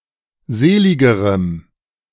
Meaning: strong dative masculine/neuter singular comparative degree of selig
- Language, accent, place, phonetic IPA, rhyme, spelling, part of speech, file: German, Germany, Berlin, [ˈzeːˌlɪɡəʁəm], -eːlɪɡəʁəm, seligerem, adjective, De-seligerem.ogg